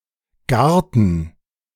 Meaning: 1. garden, yard (grounds at the front or back of a house) 2. garden (outdoor area containing one or more types of plants, usually plants grown for food or ornamental purposes)
- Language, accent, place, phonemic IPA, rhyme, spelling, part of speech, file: German, Germany, Berlin, /ˈɡaʁ.tən/, -aʁtən, Garten, noun, De-Garten.ogg